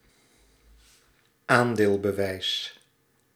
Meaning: proof of possession of shares
- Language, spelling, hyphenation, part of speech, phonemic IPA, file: Dutch, aandeelbewijs, aan‧deel‧be‧wijs, noun, /ˈaːn.deːl.bəˌʋɛi̯s/, Nl-aandeelbewijs.ogg